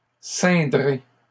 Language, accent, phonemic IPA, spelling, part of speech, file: French, Canada, /sɛ̃.dʁe/, ceindrez, verb, LL-Q150 (fra)-ceindrez.wav
- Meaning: second-person plural simple future of ceindre